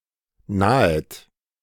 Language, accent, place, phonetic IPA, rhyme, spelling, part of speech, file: German, Germany, Berlin, [ˈnaːət], -aːət, nahet, verb, De-nahet.ogg
- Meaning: second-person plural subjunctive I of nahen